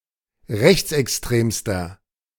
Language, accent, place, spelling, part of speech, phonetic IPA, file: German, Germany, Berlin, rechtsextremster, adjective, [ˈʁɛçt͡sʔɛksˌtʁeːmstɐ], De-rechtsextremster.ogg
- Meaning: inflection of rechtsextrem: 1. strong/mixed nominative masculine singular superlative degree 2. strong genitive/dative feminine singular superlative degree 3. strong genitive plural superlative degree